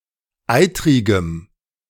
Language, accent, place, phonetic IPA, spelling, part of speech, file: German, Germany, Berlin, [ˈaɪ̯tʁɪɡəm], eitrigem, adjective, De-eitrigem.ogg
- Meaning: strong dative masculine/neuter singular of eitrig